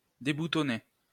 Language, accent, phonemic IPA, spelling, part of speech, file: French, France, /de.bu.tɔ.ne/, déboutonner, verb, LL-Q150 (fra)-déboutonner.wav
- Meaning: to unbutton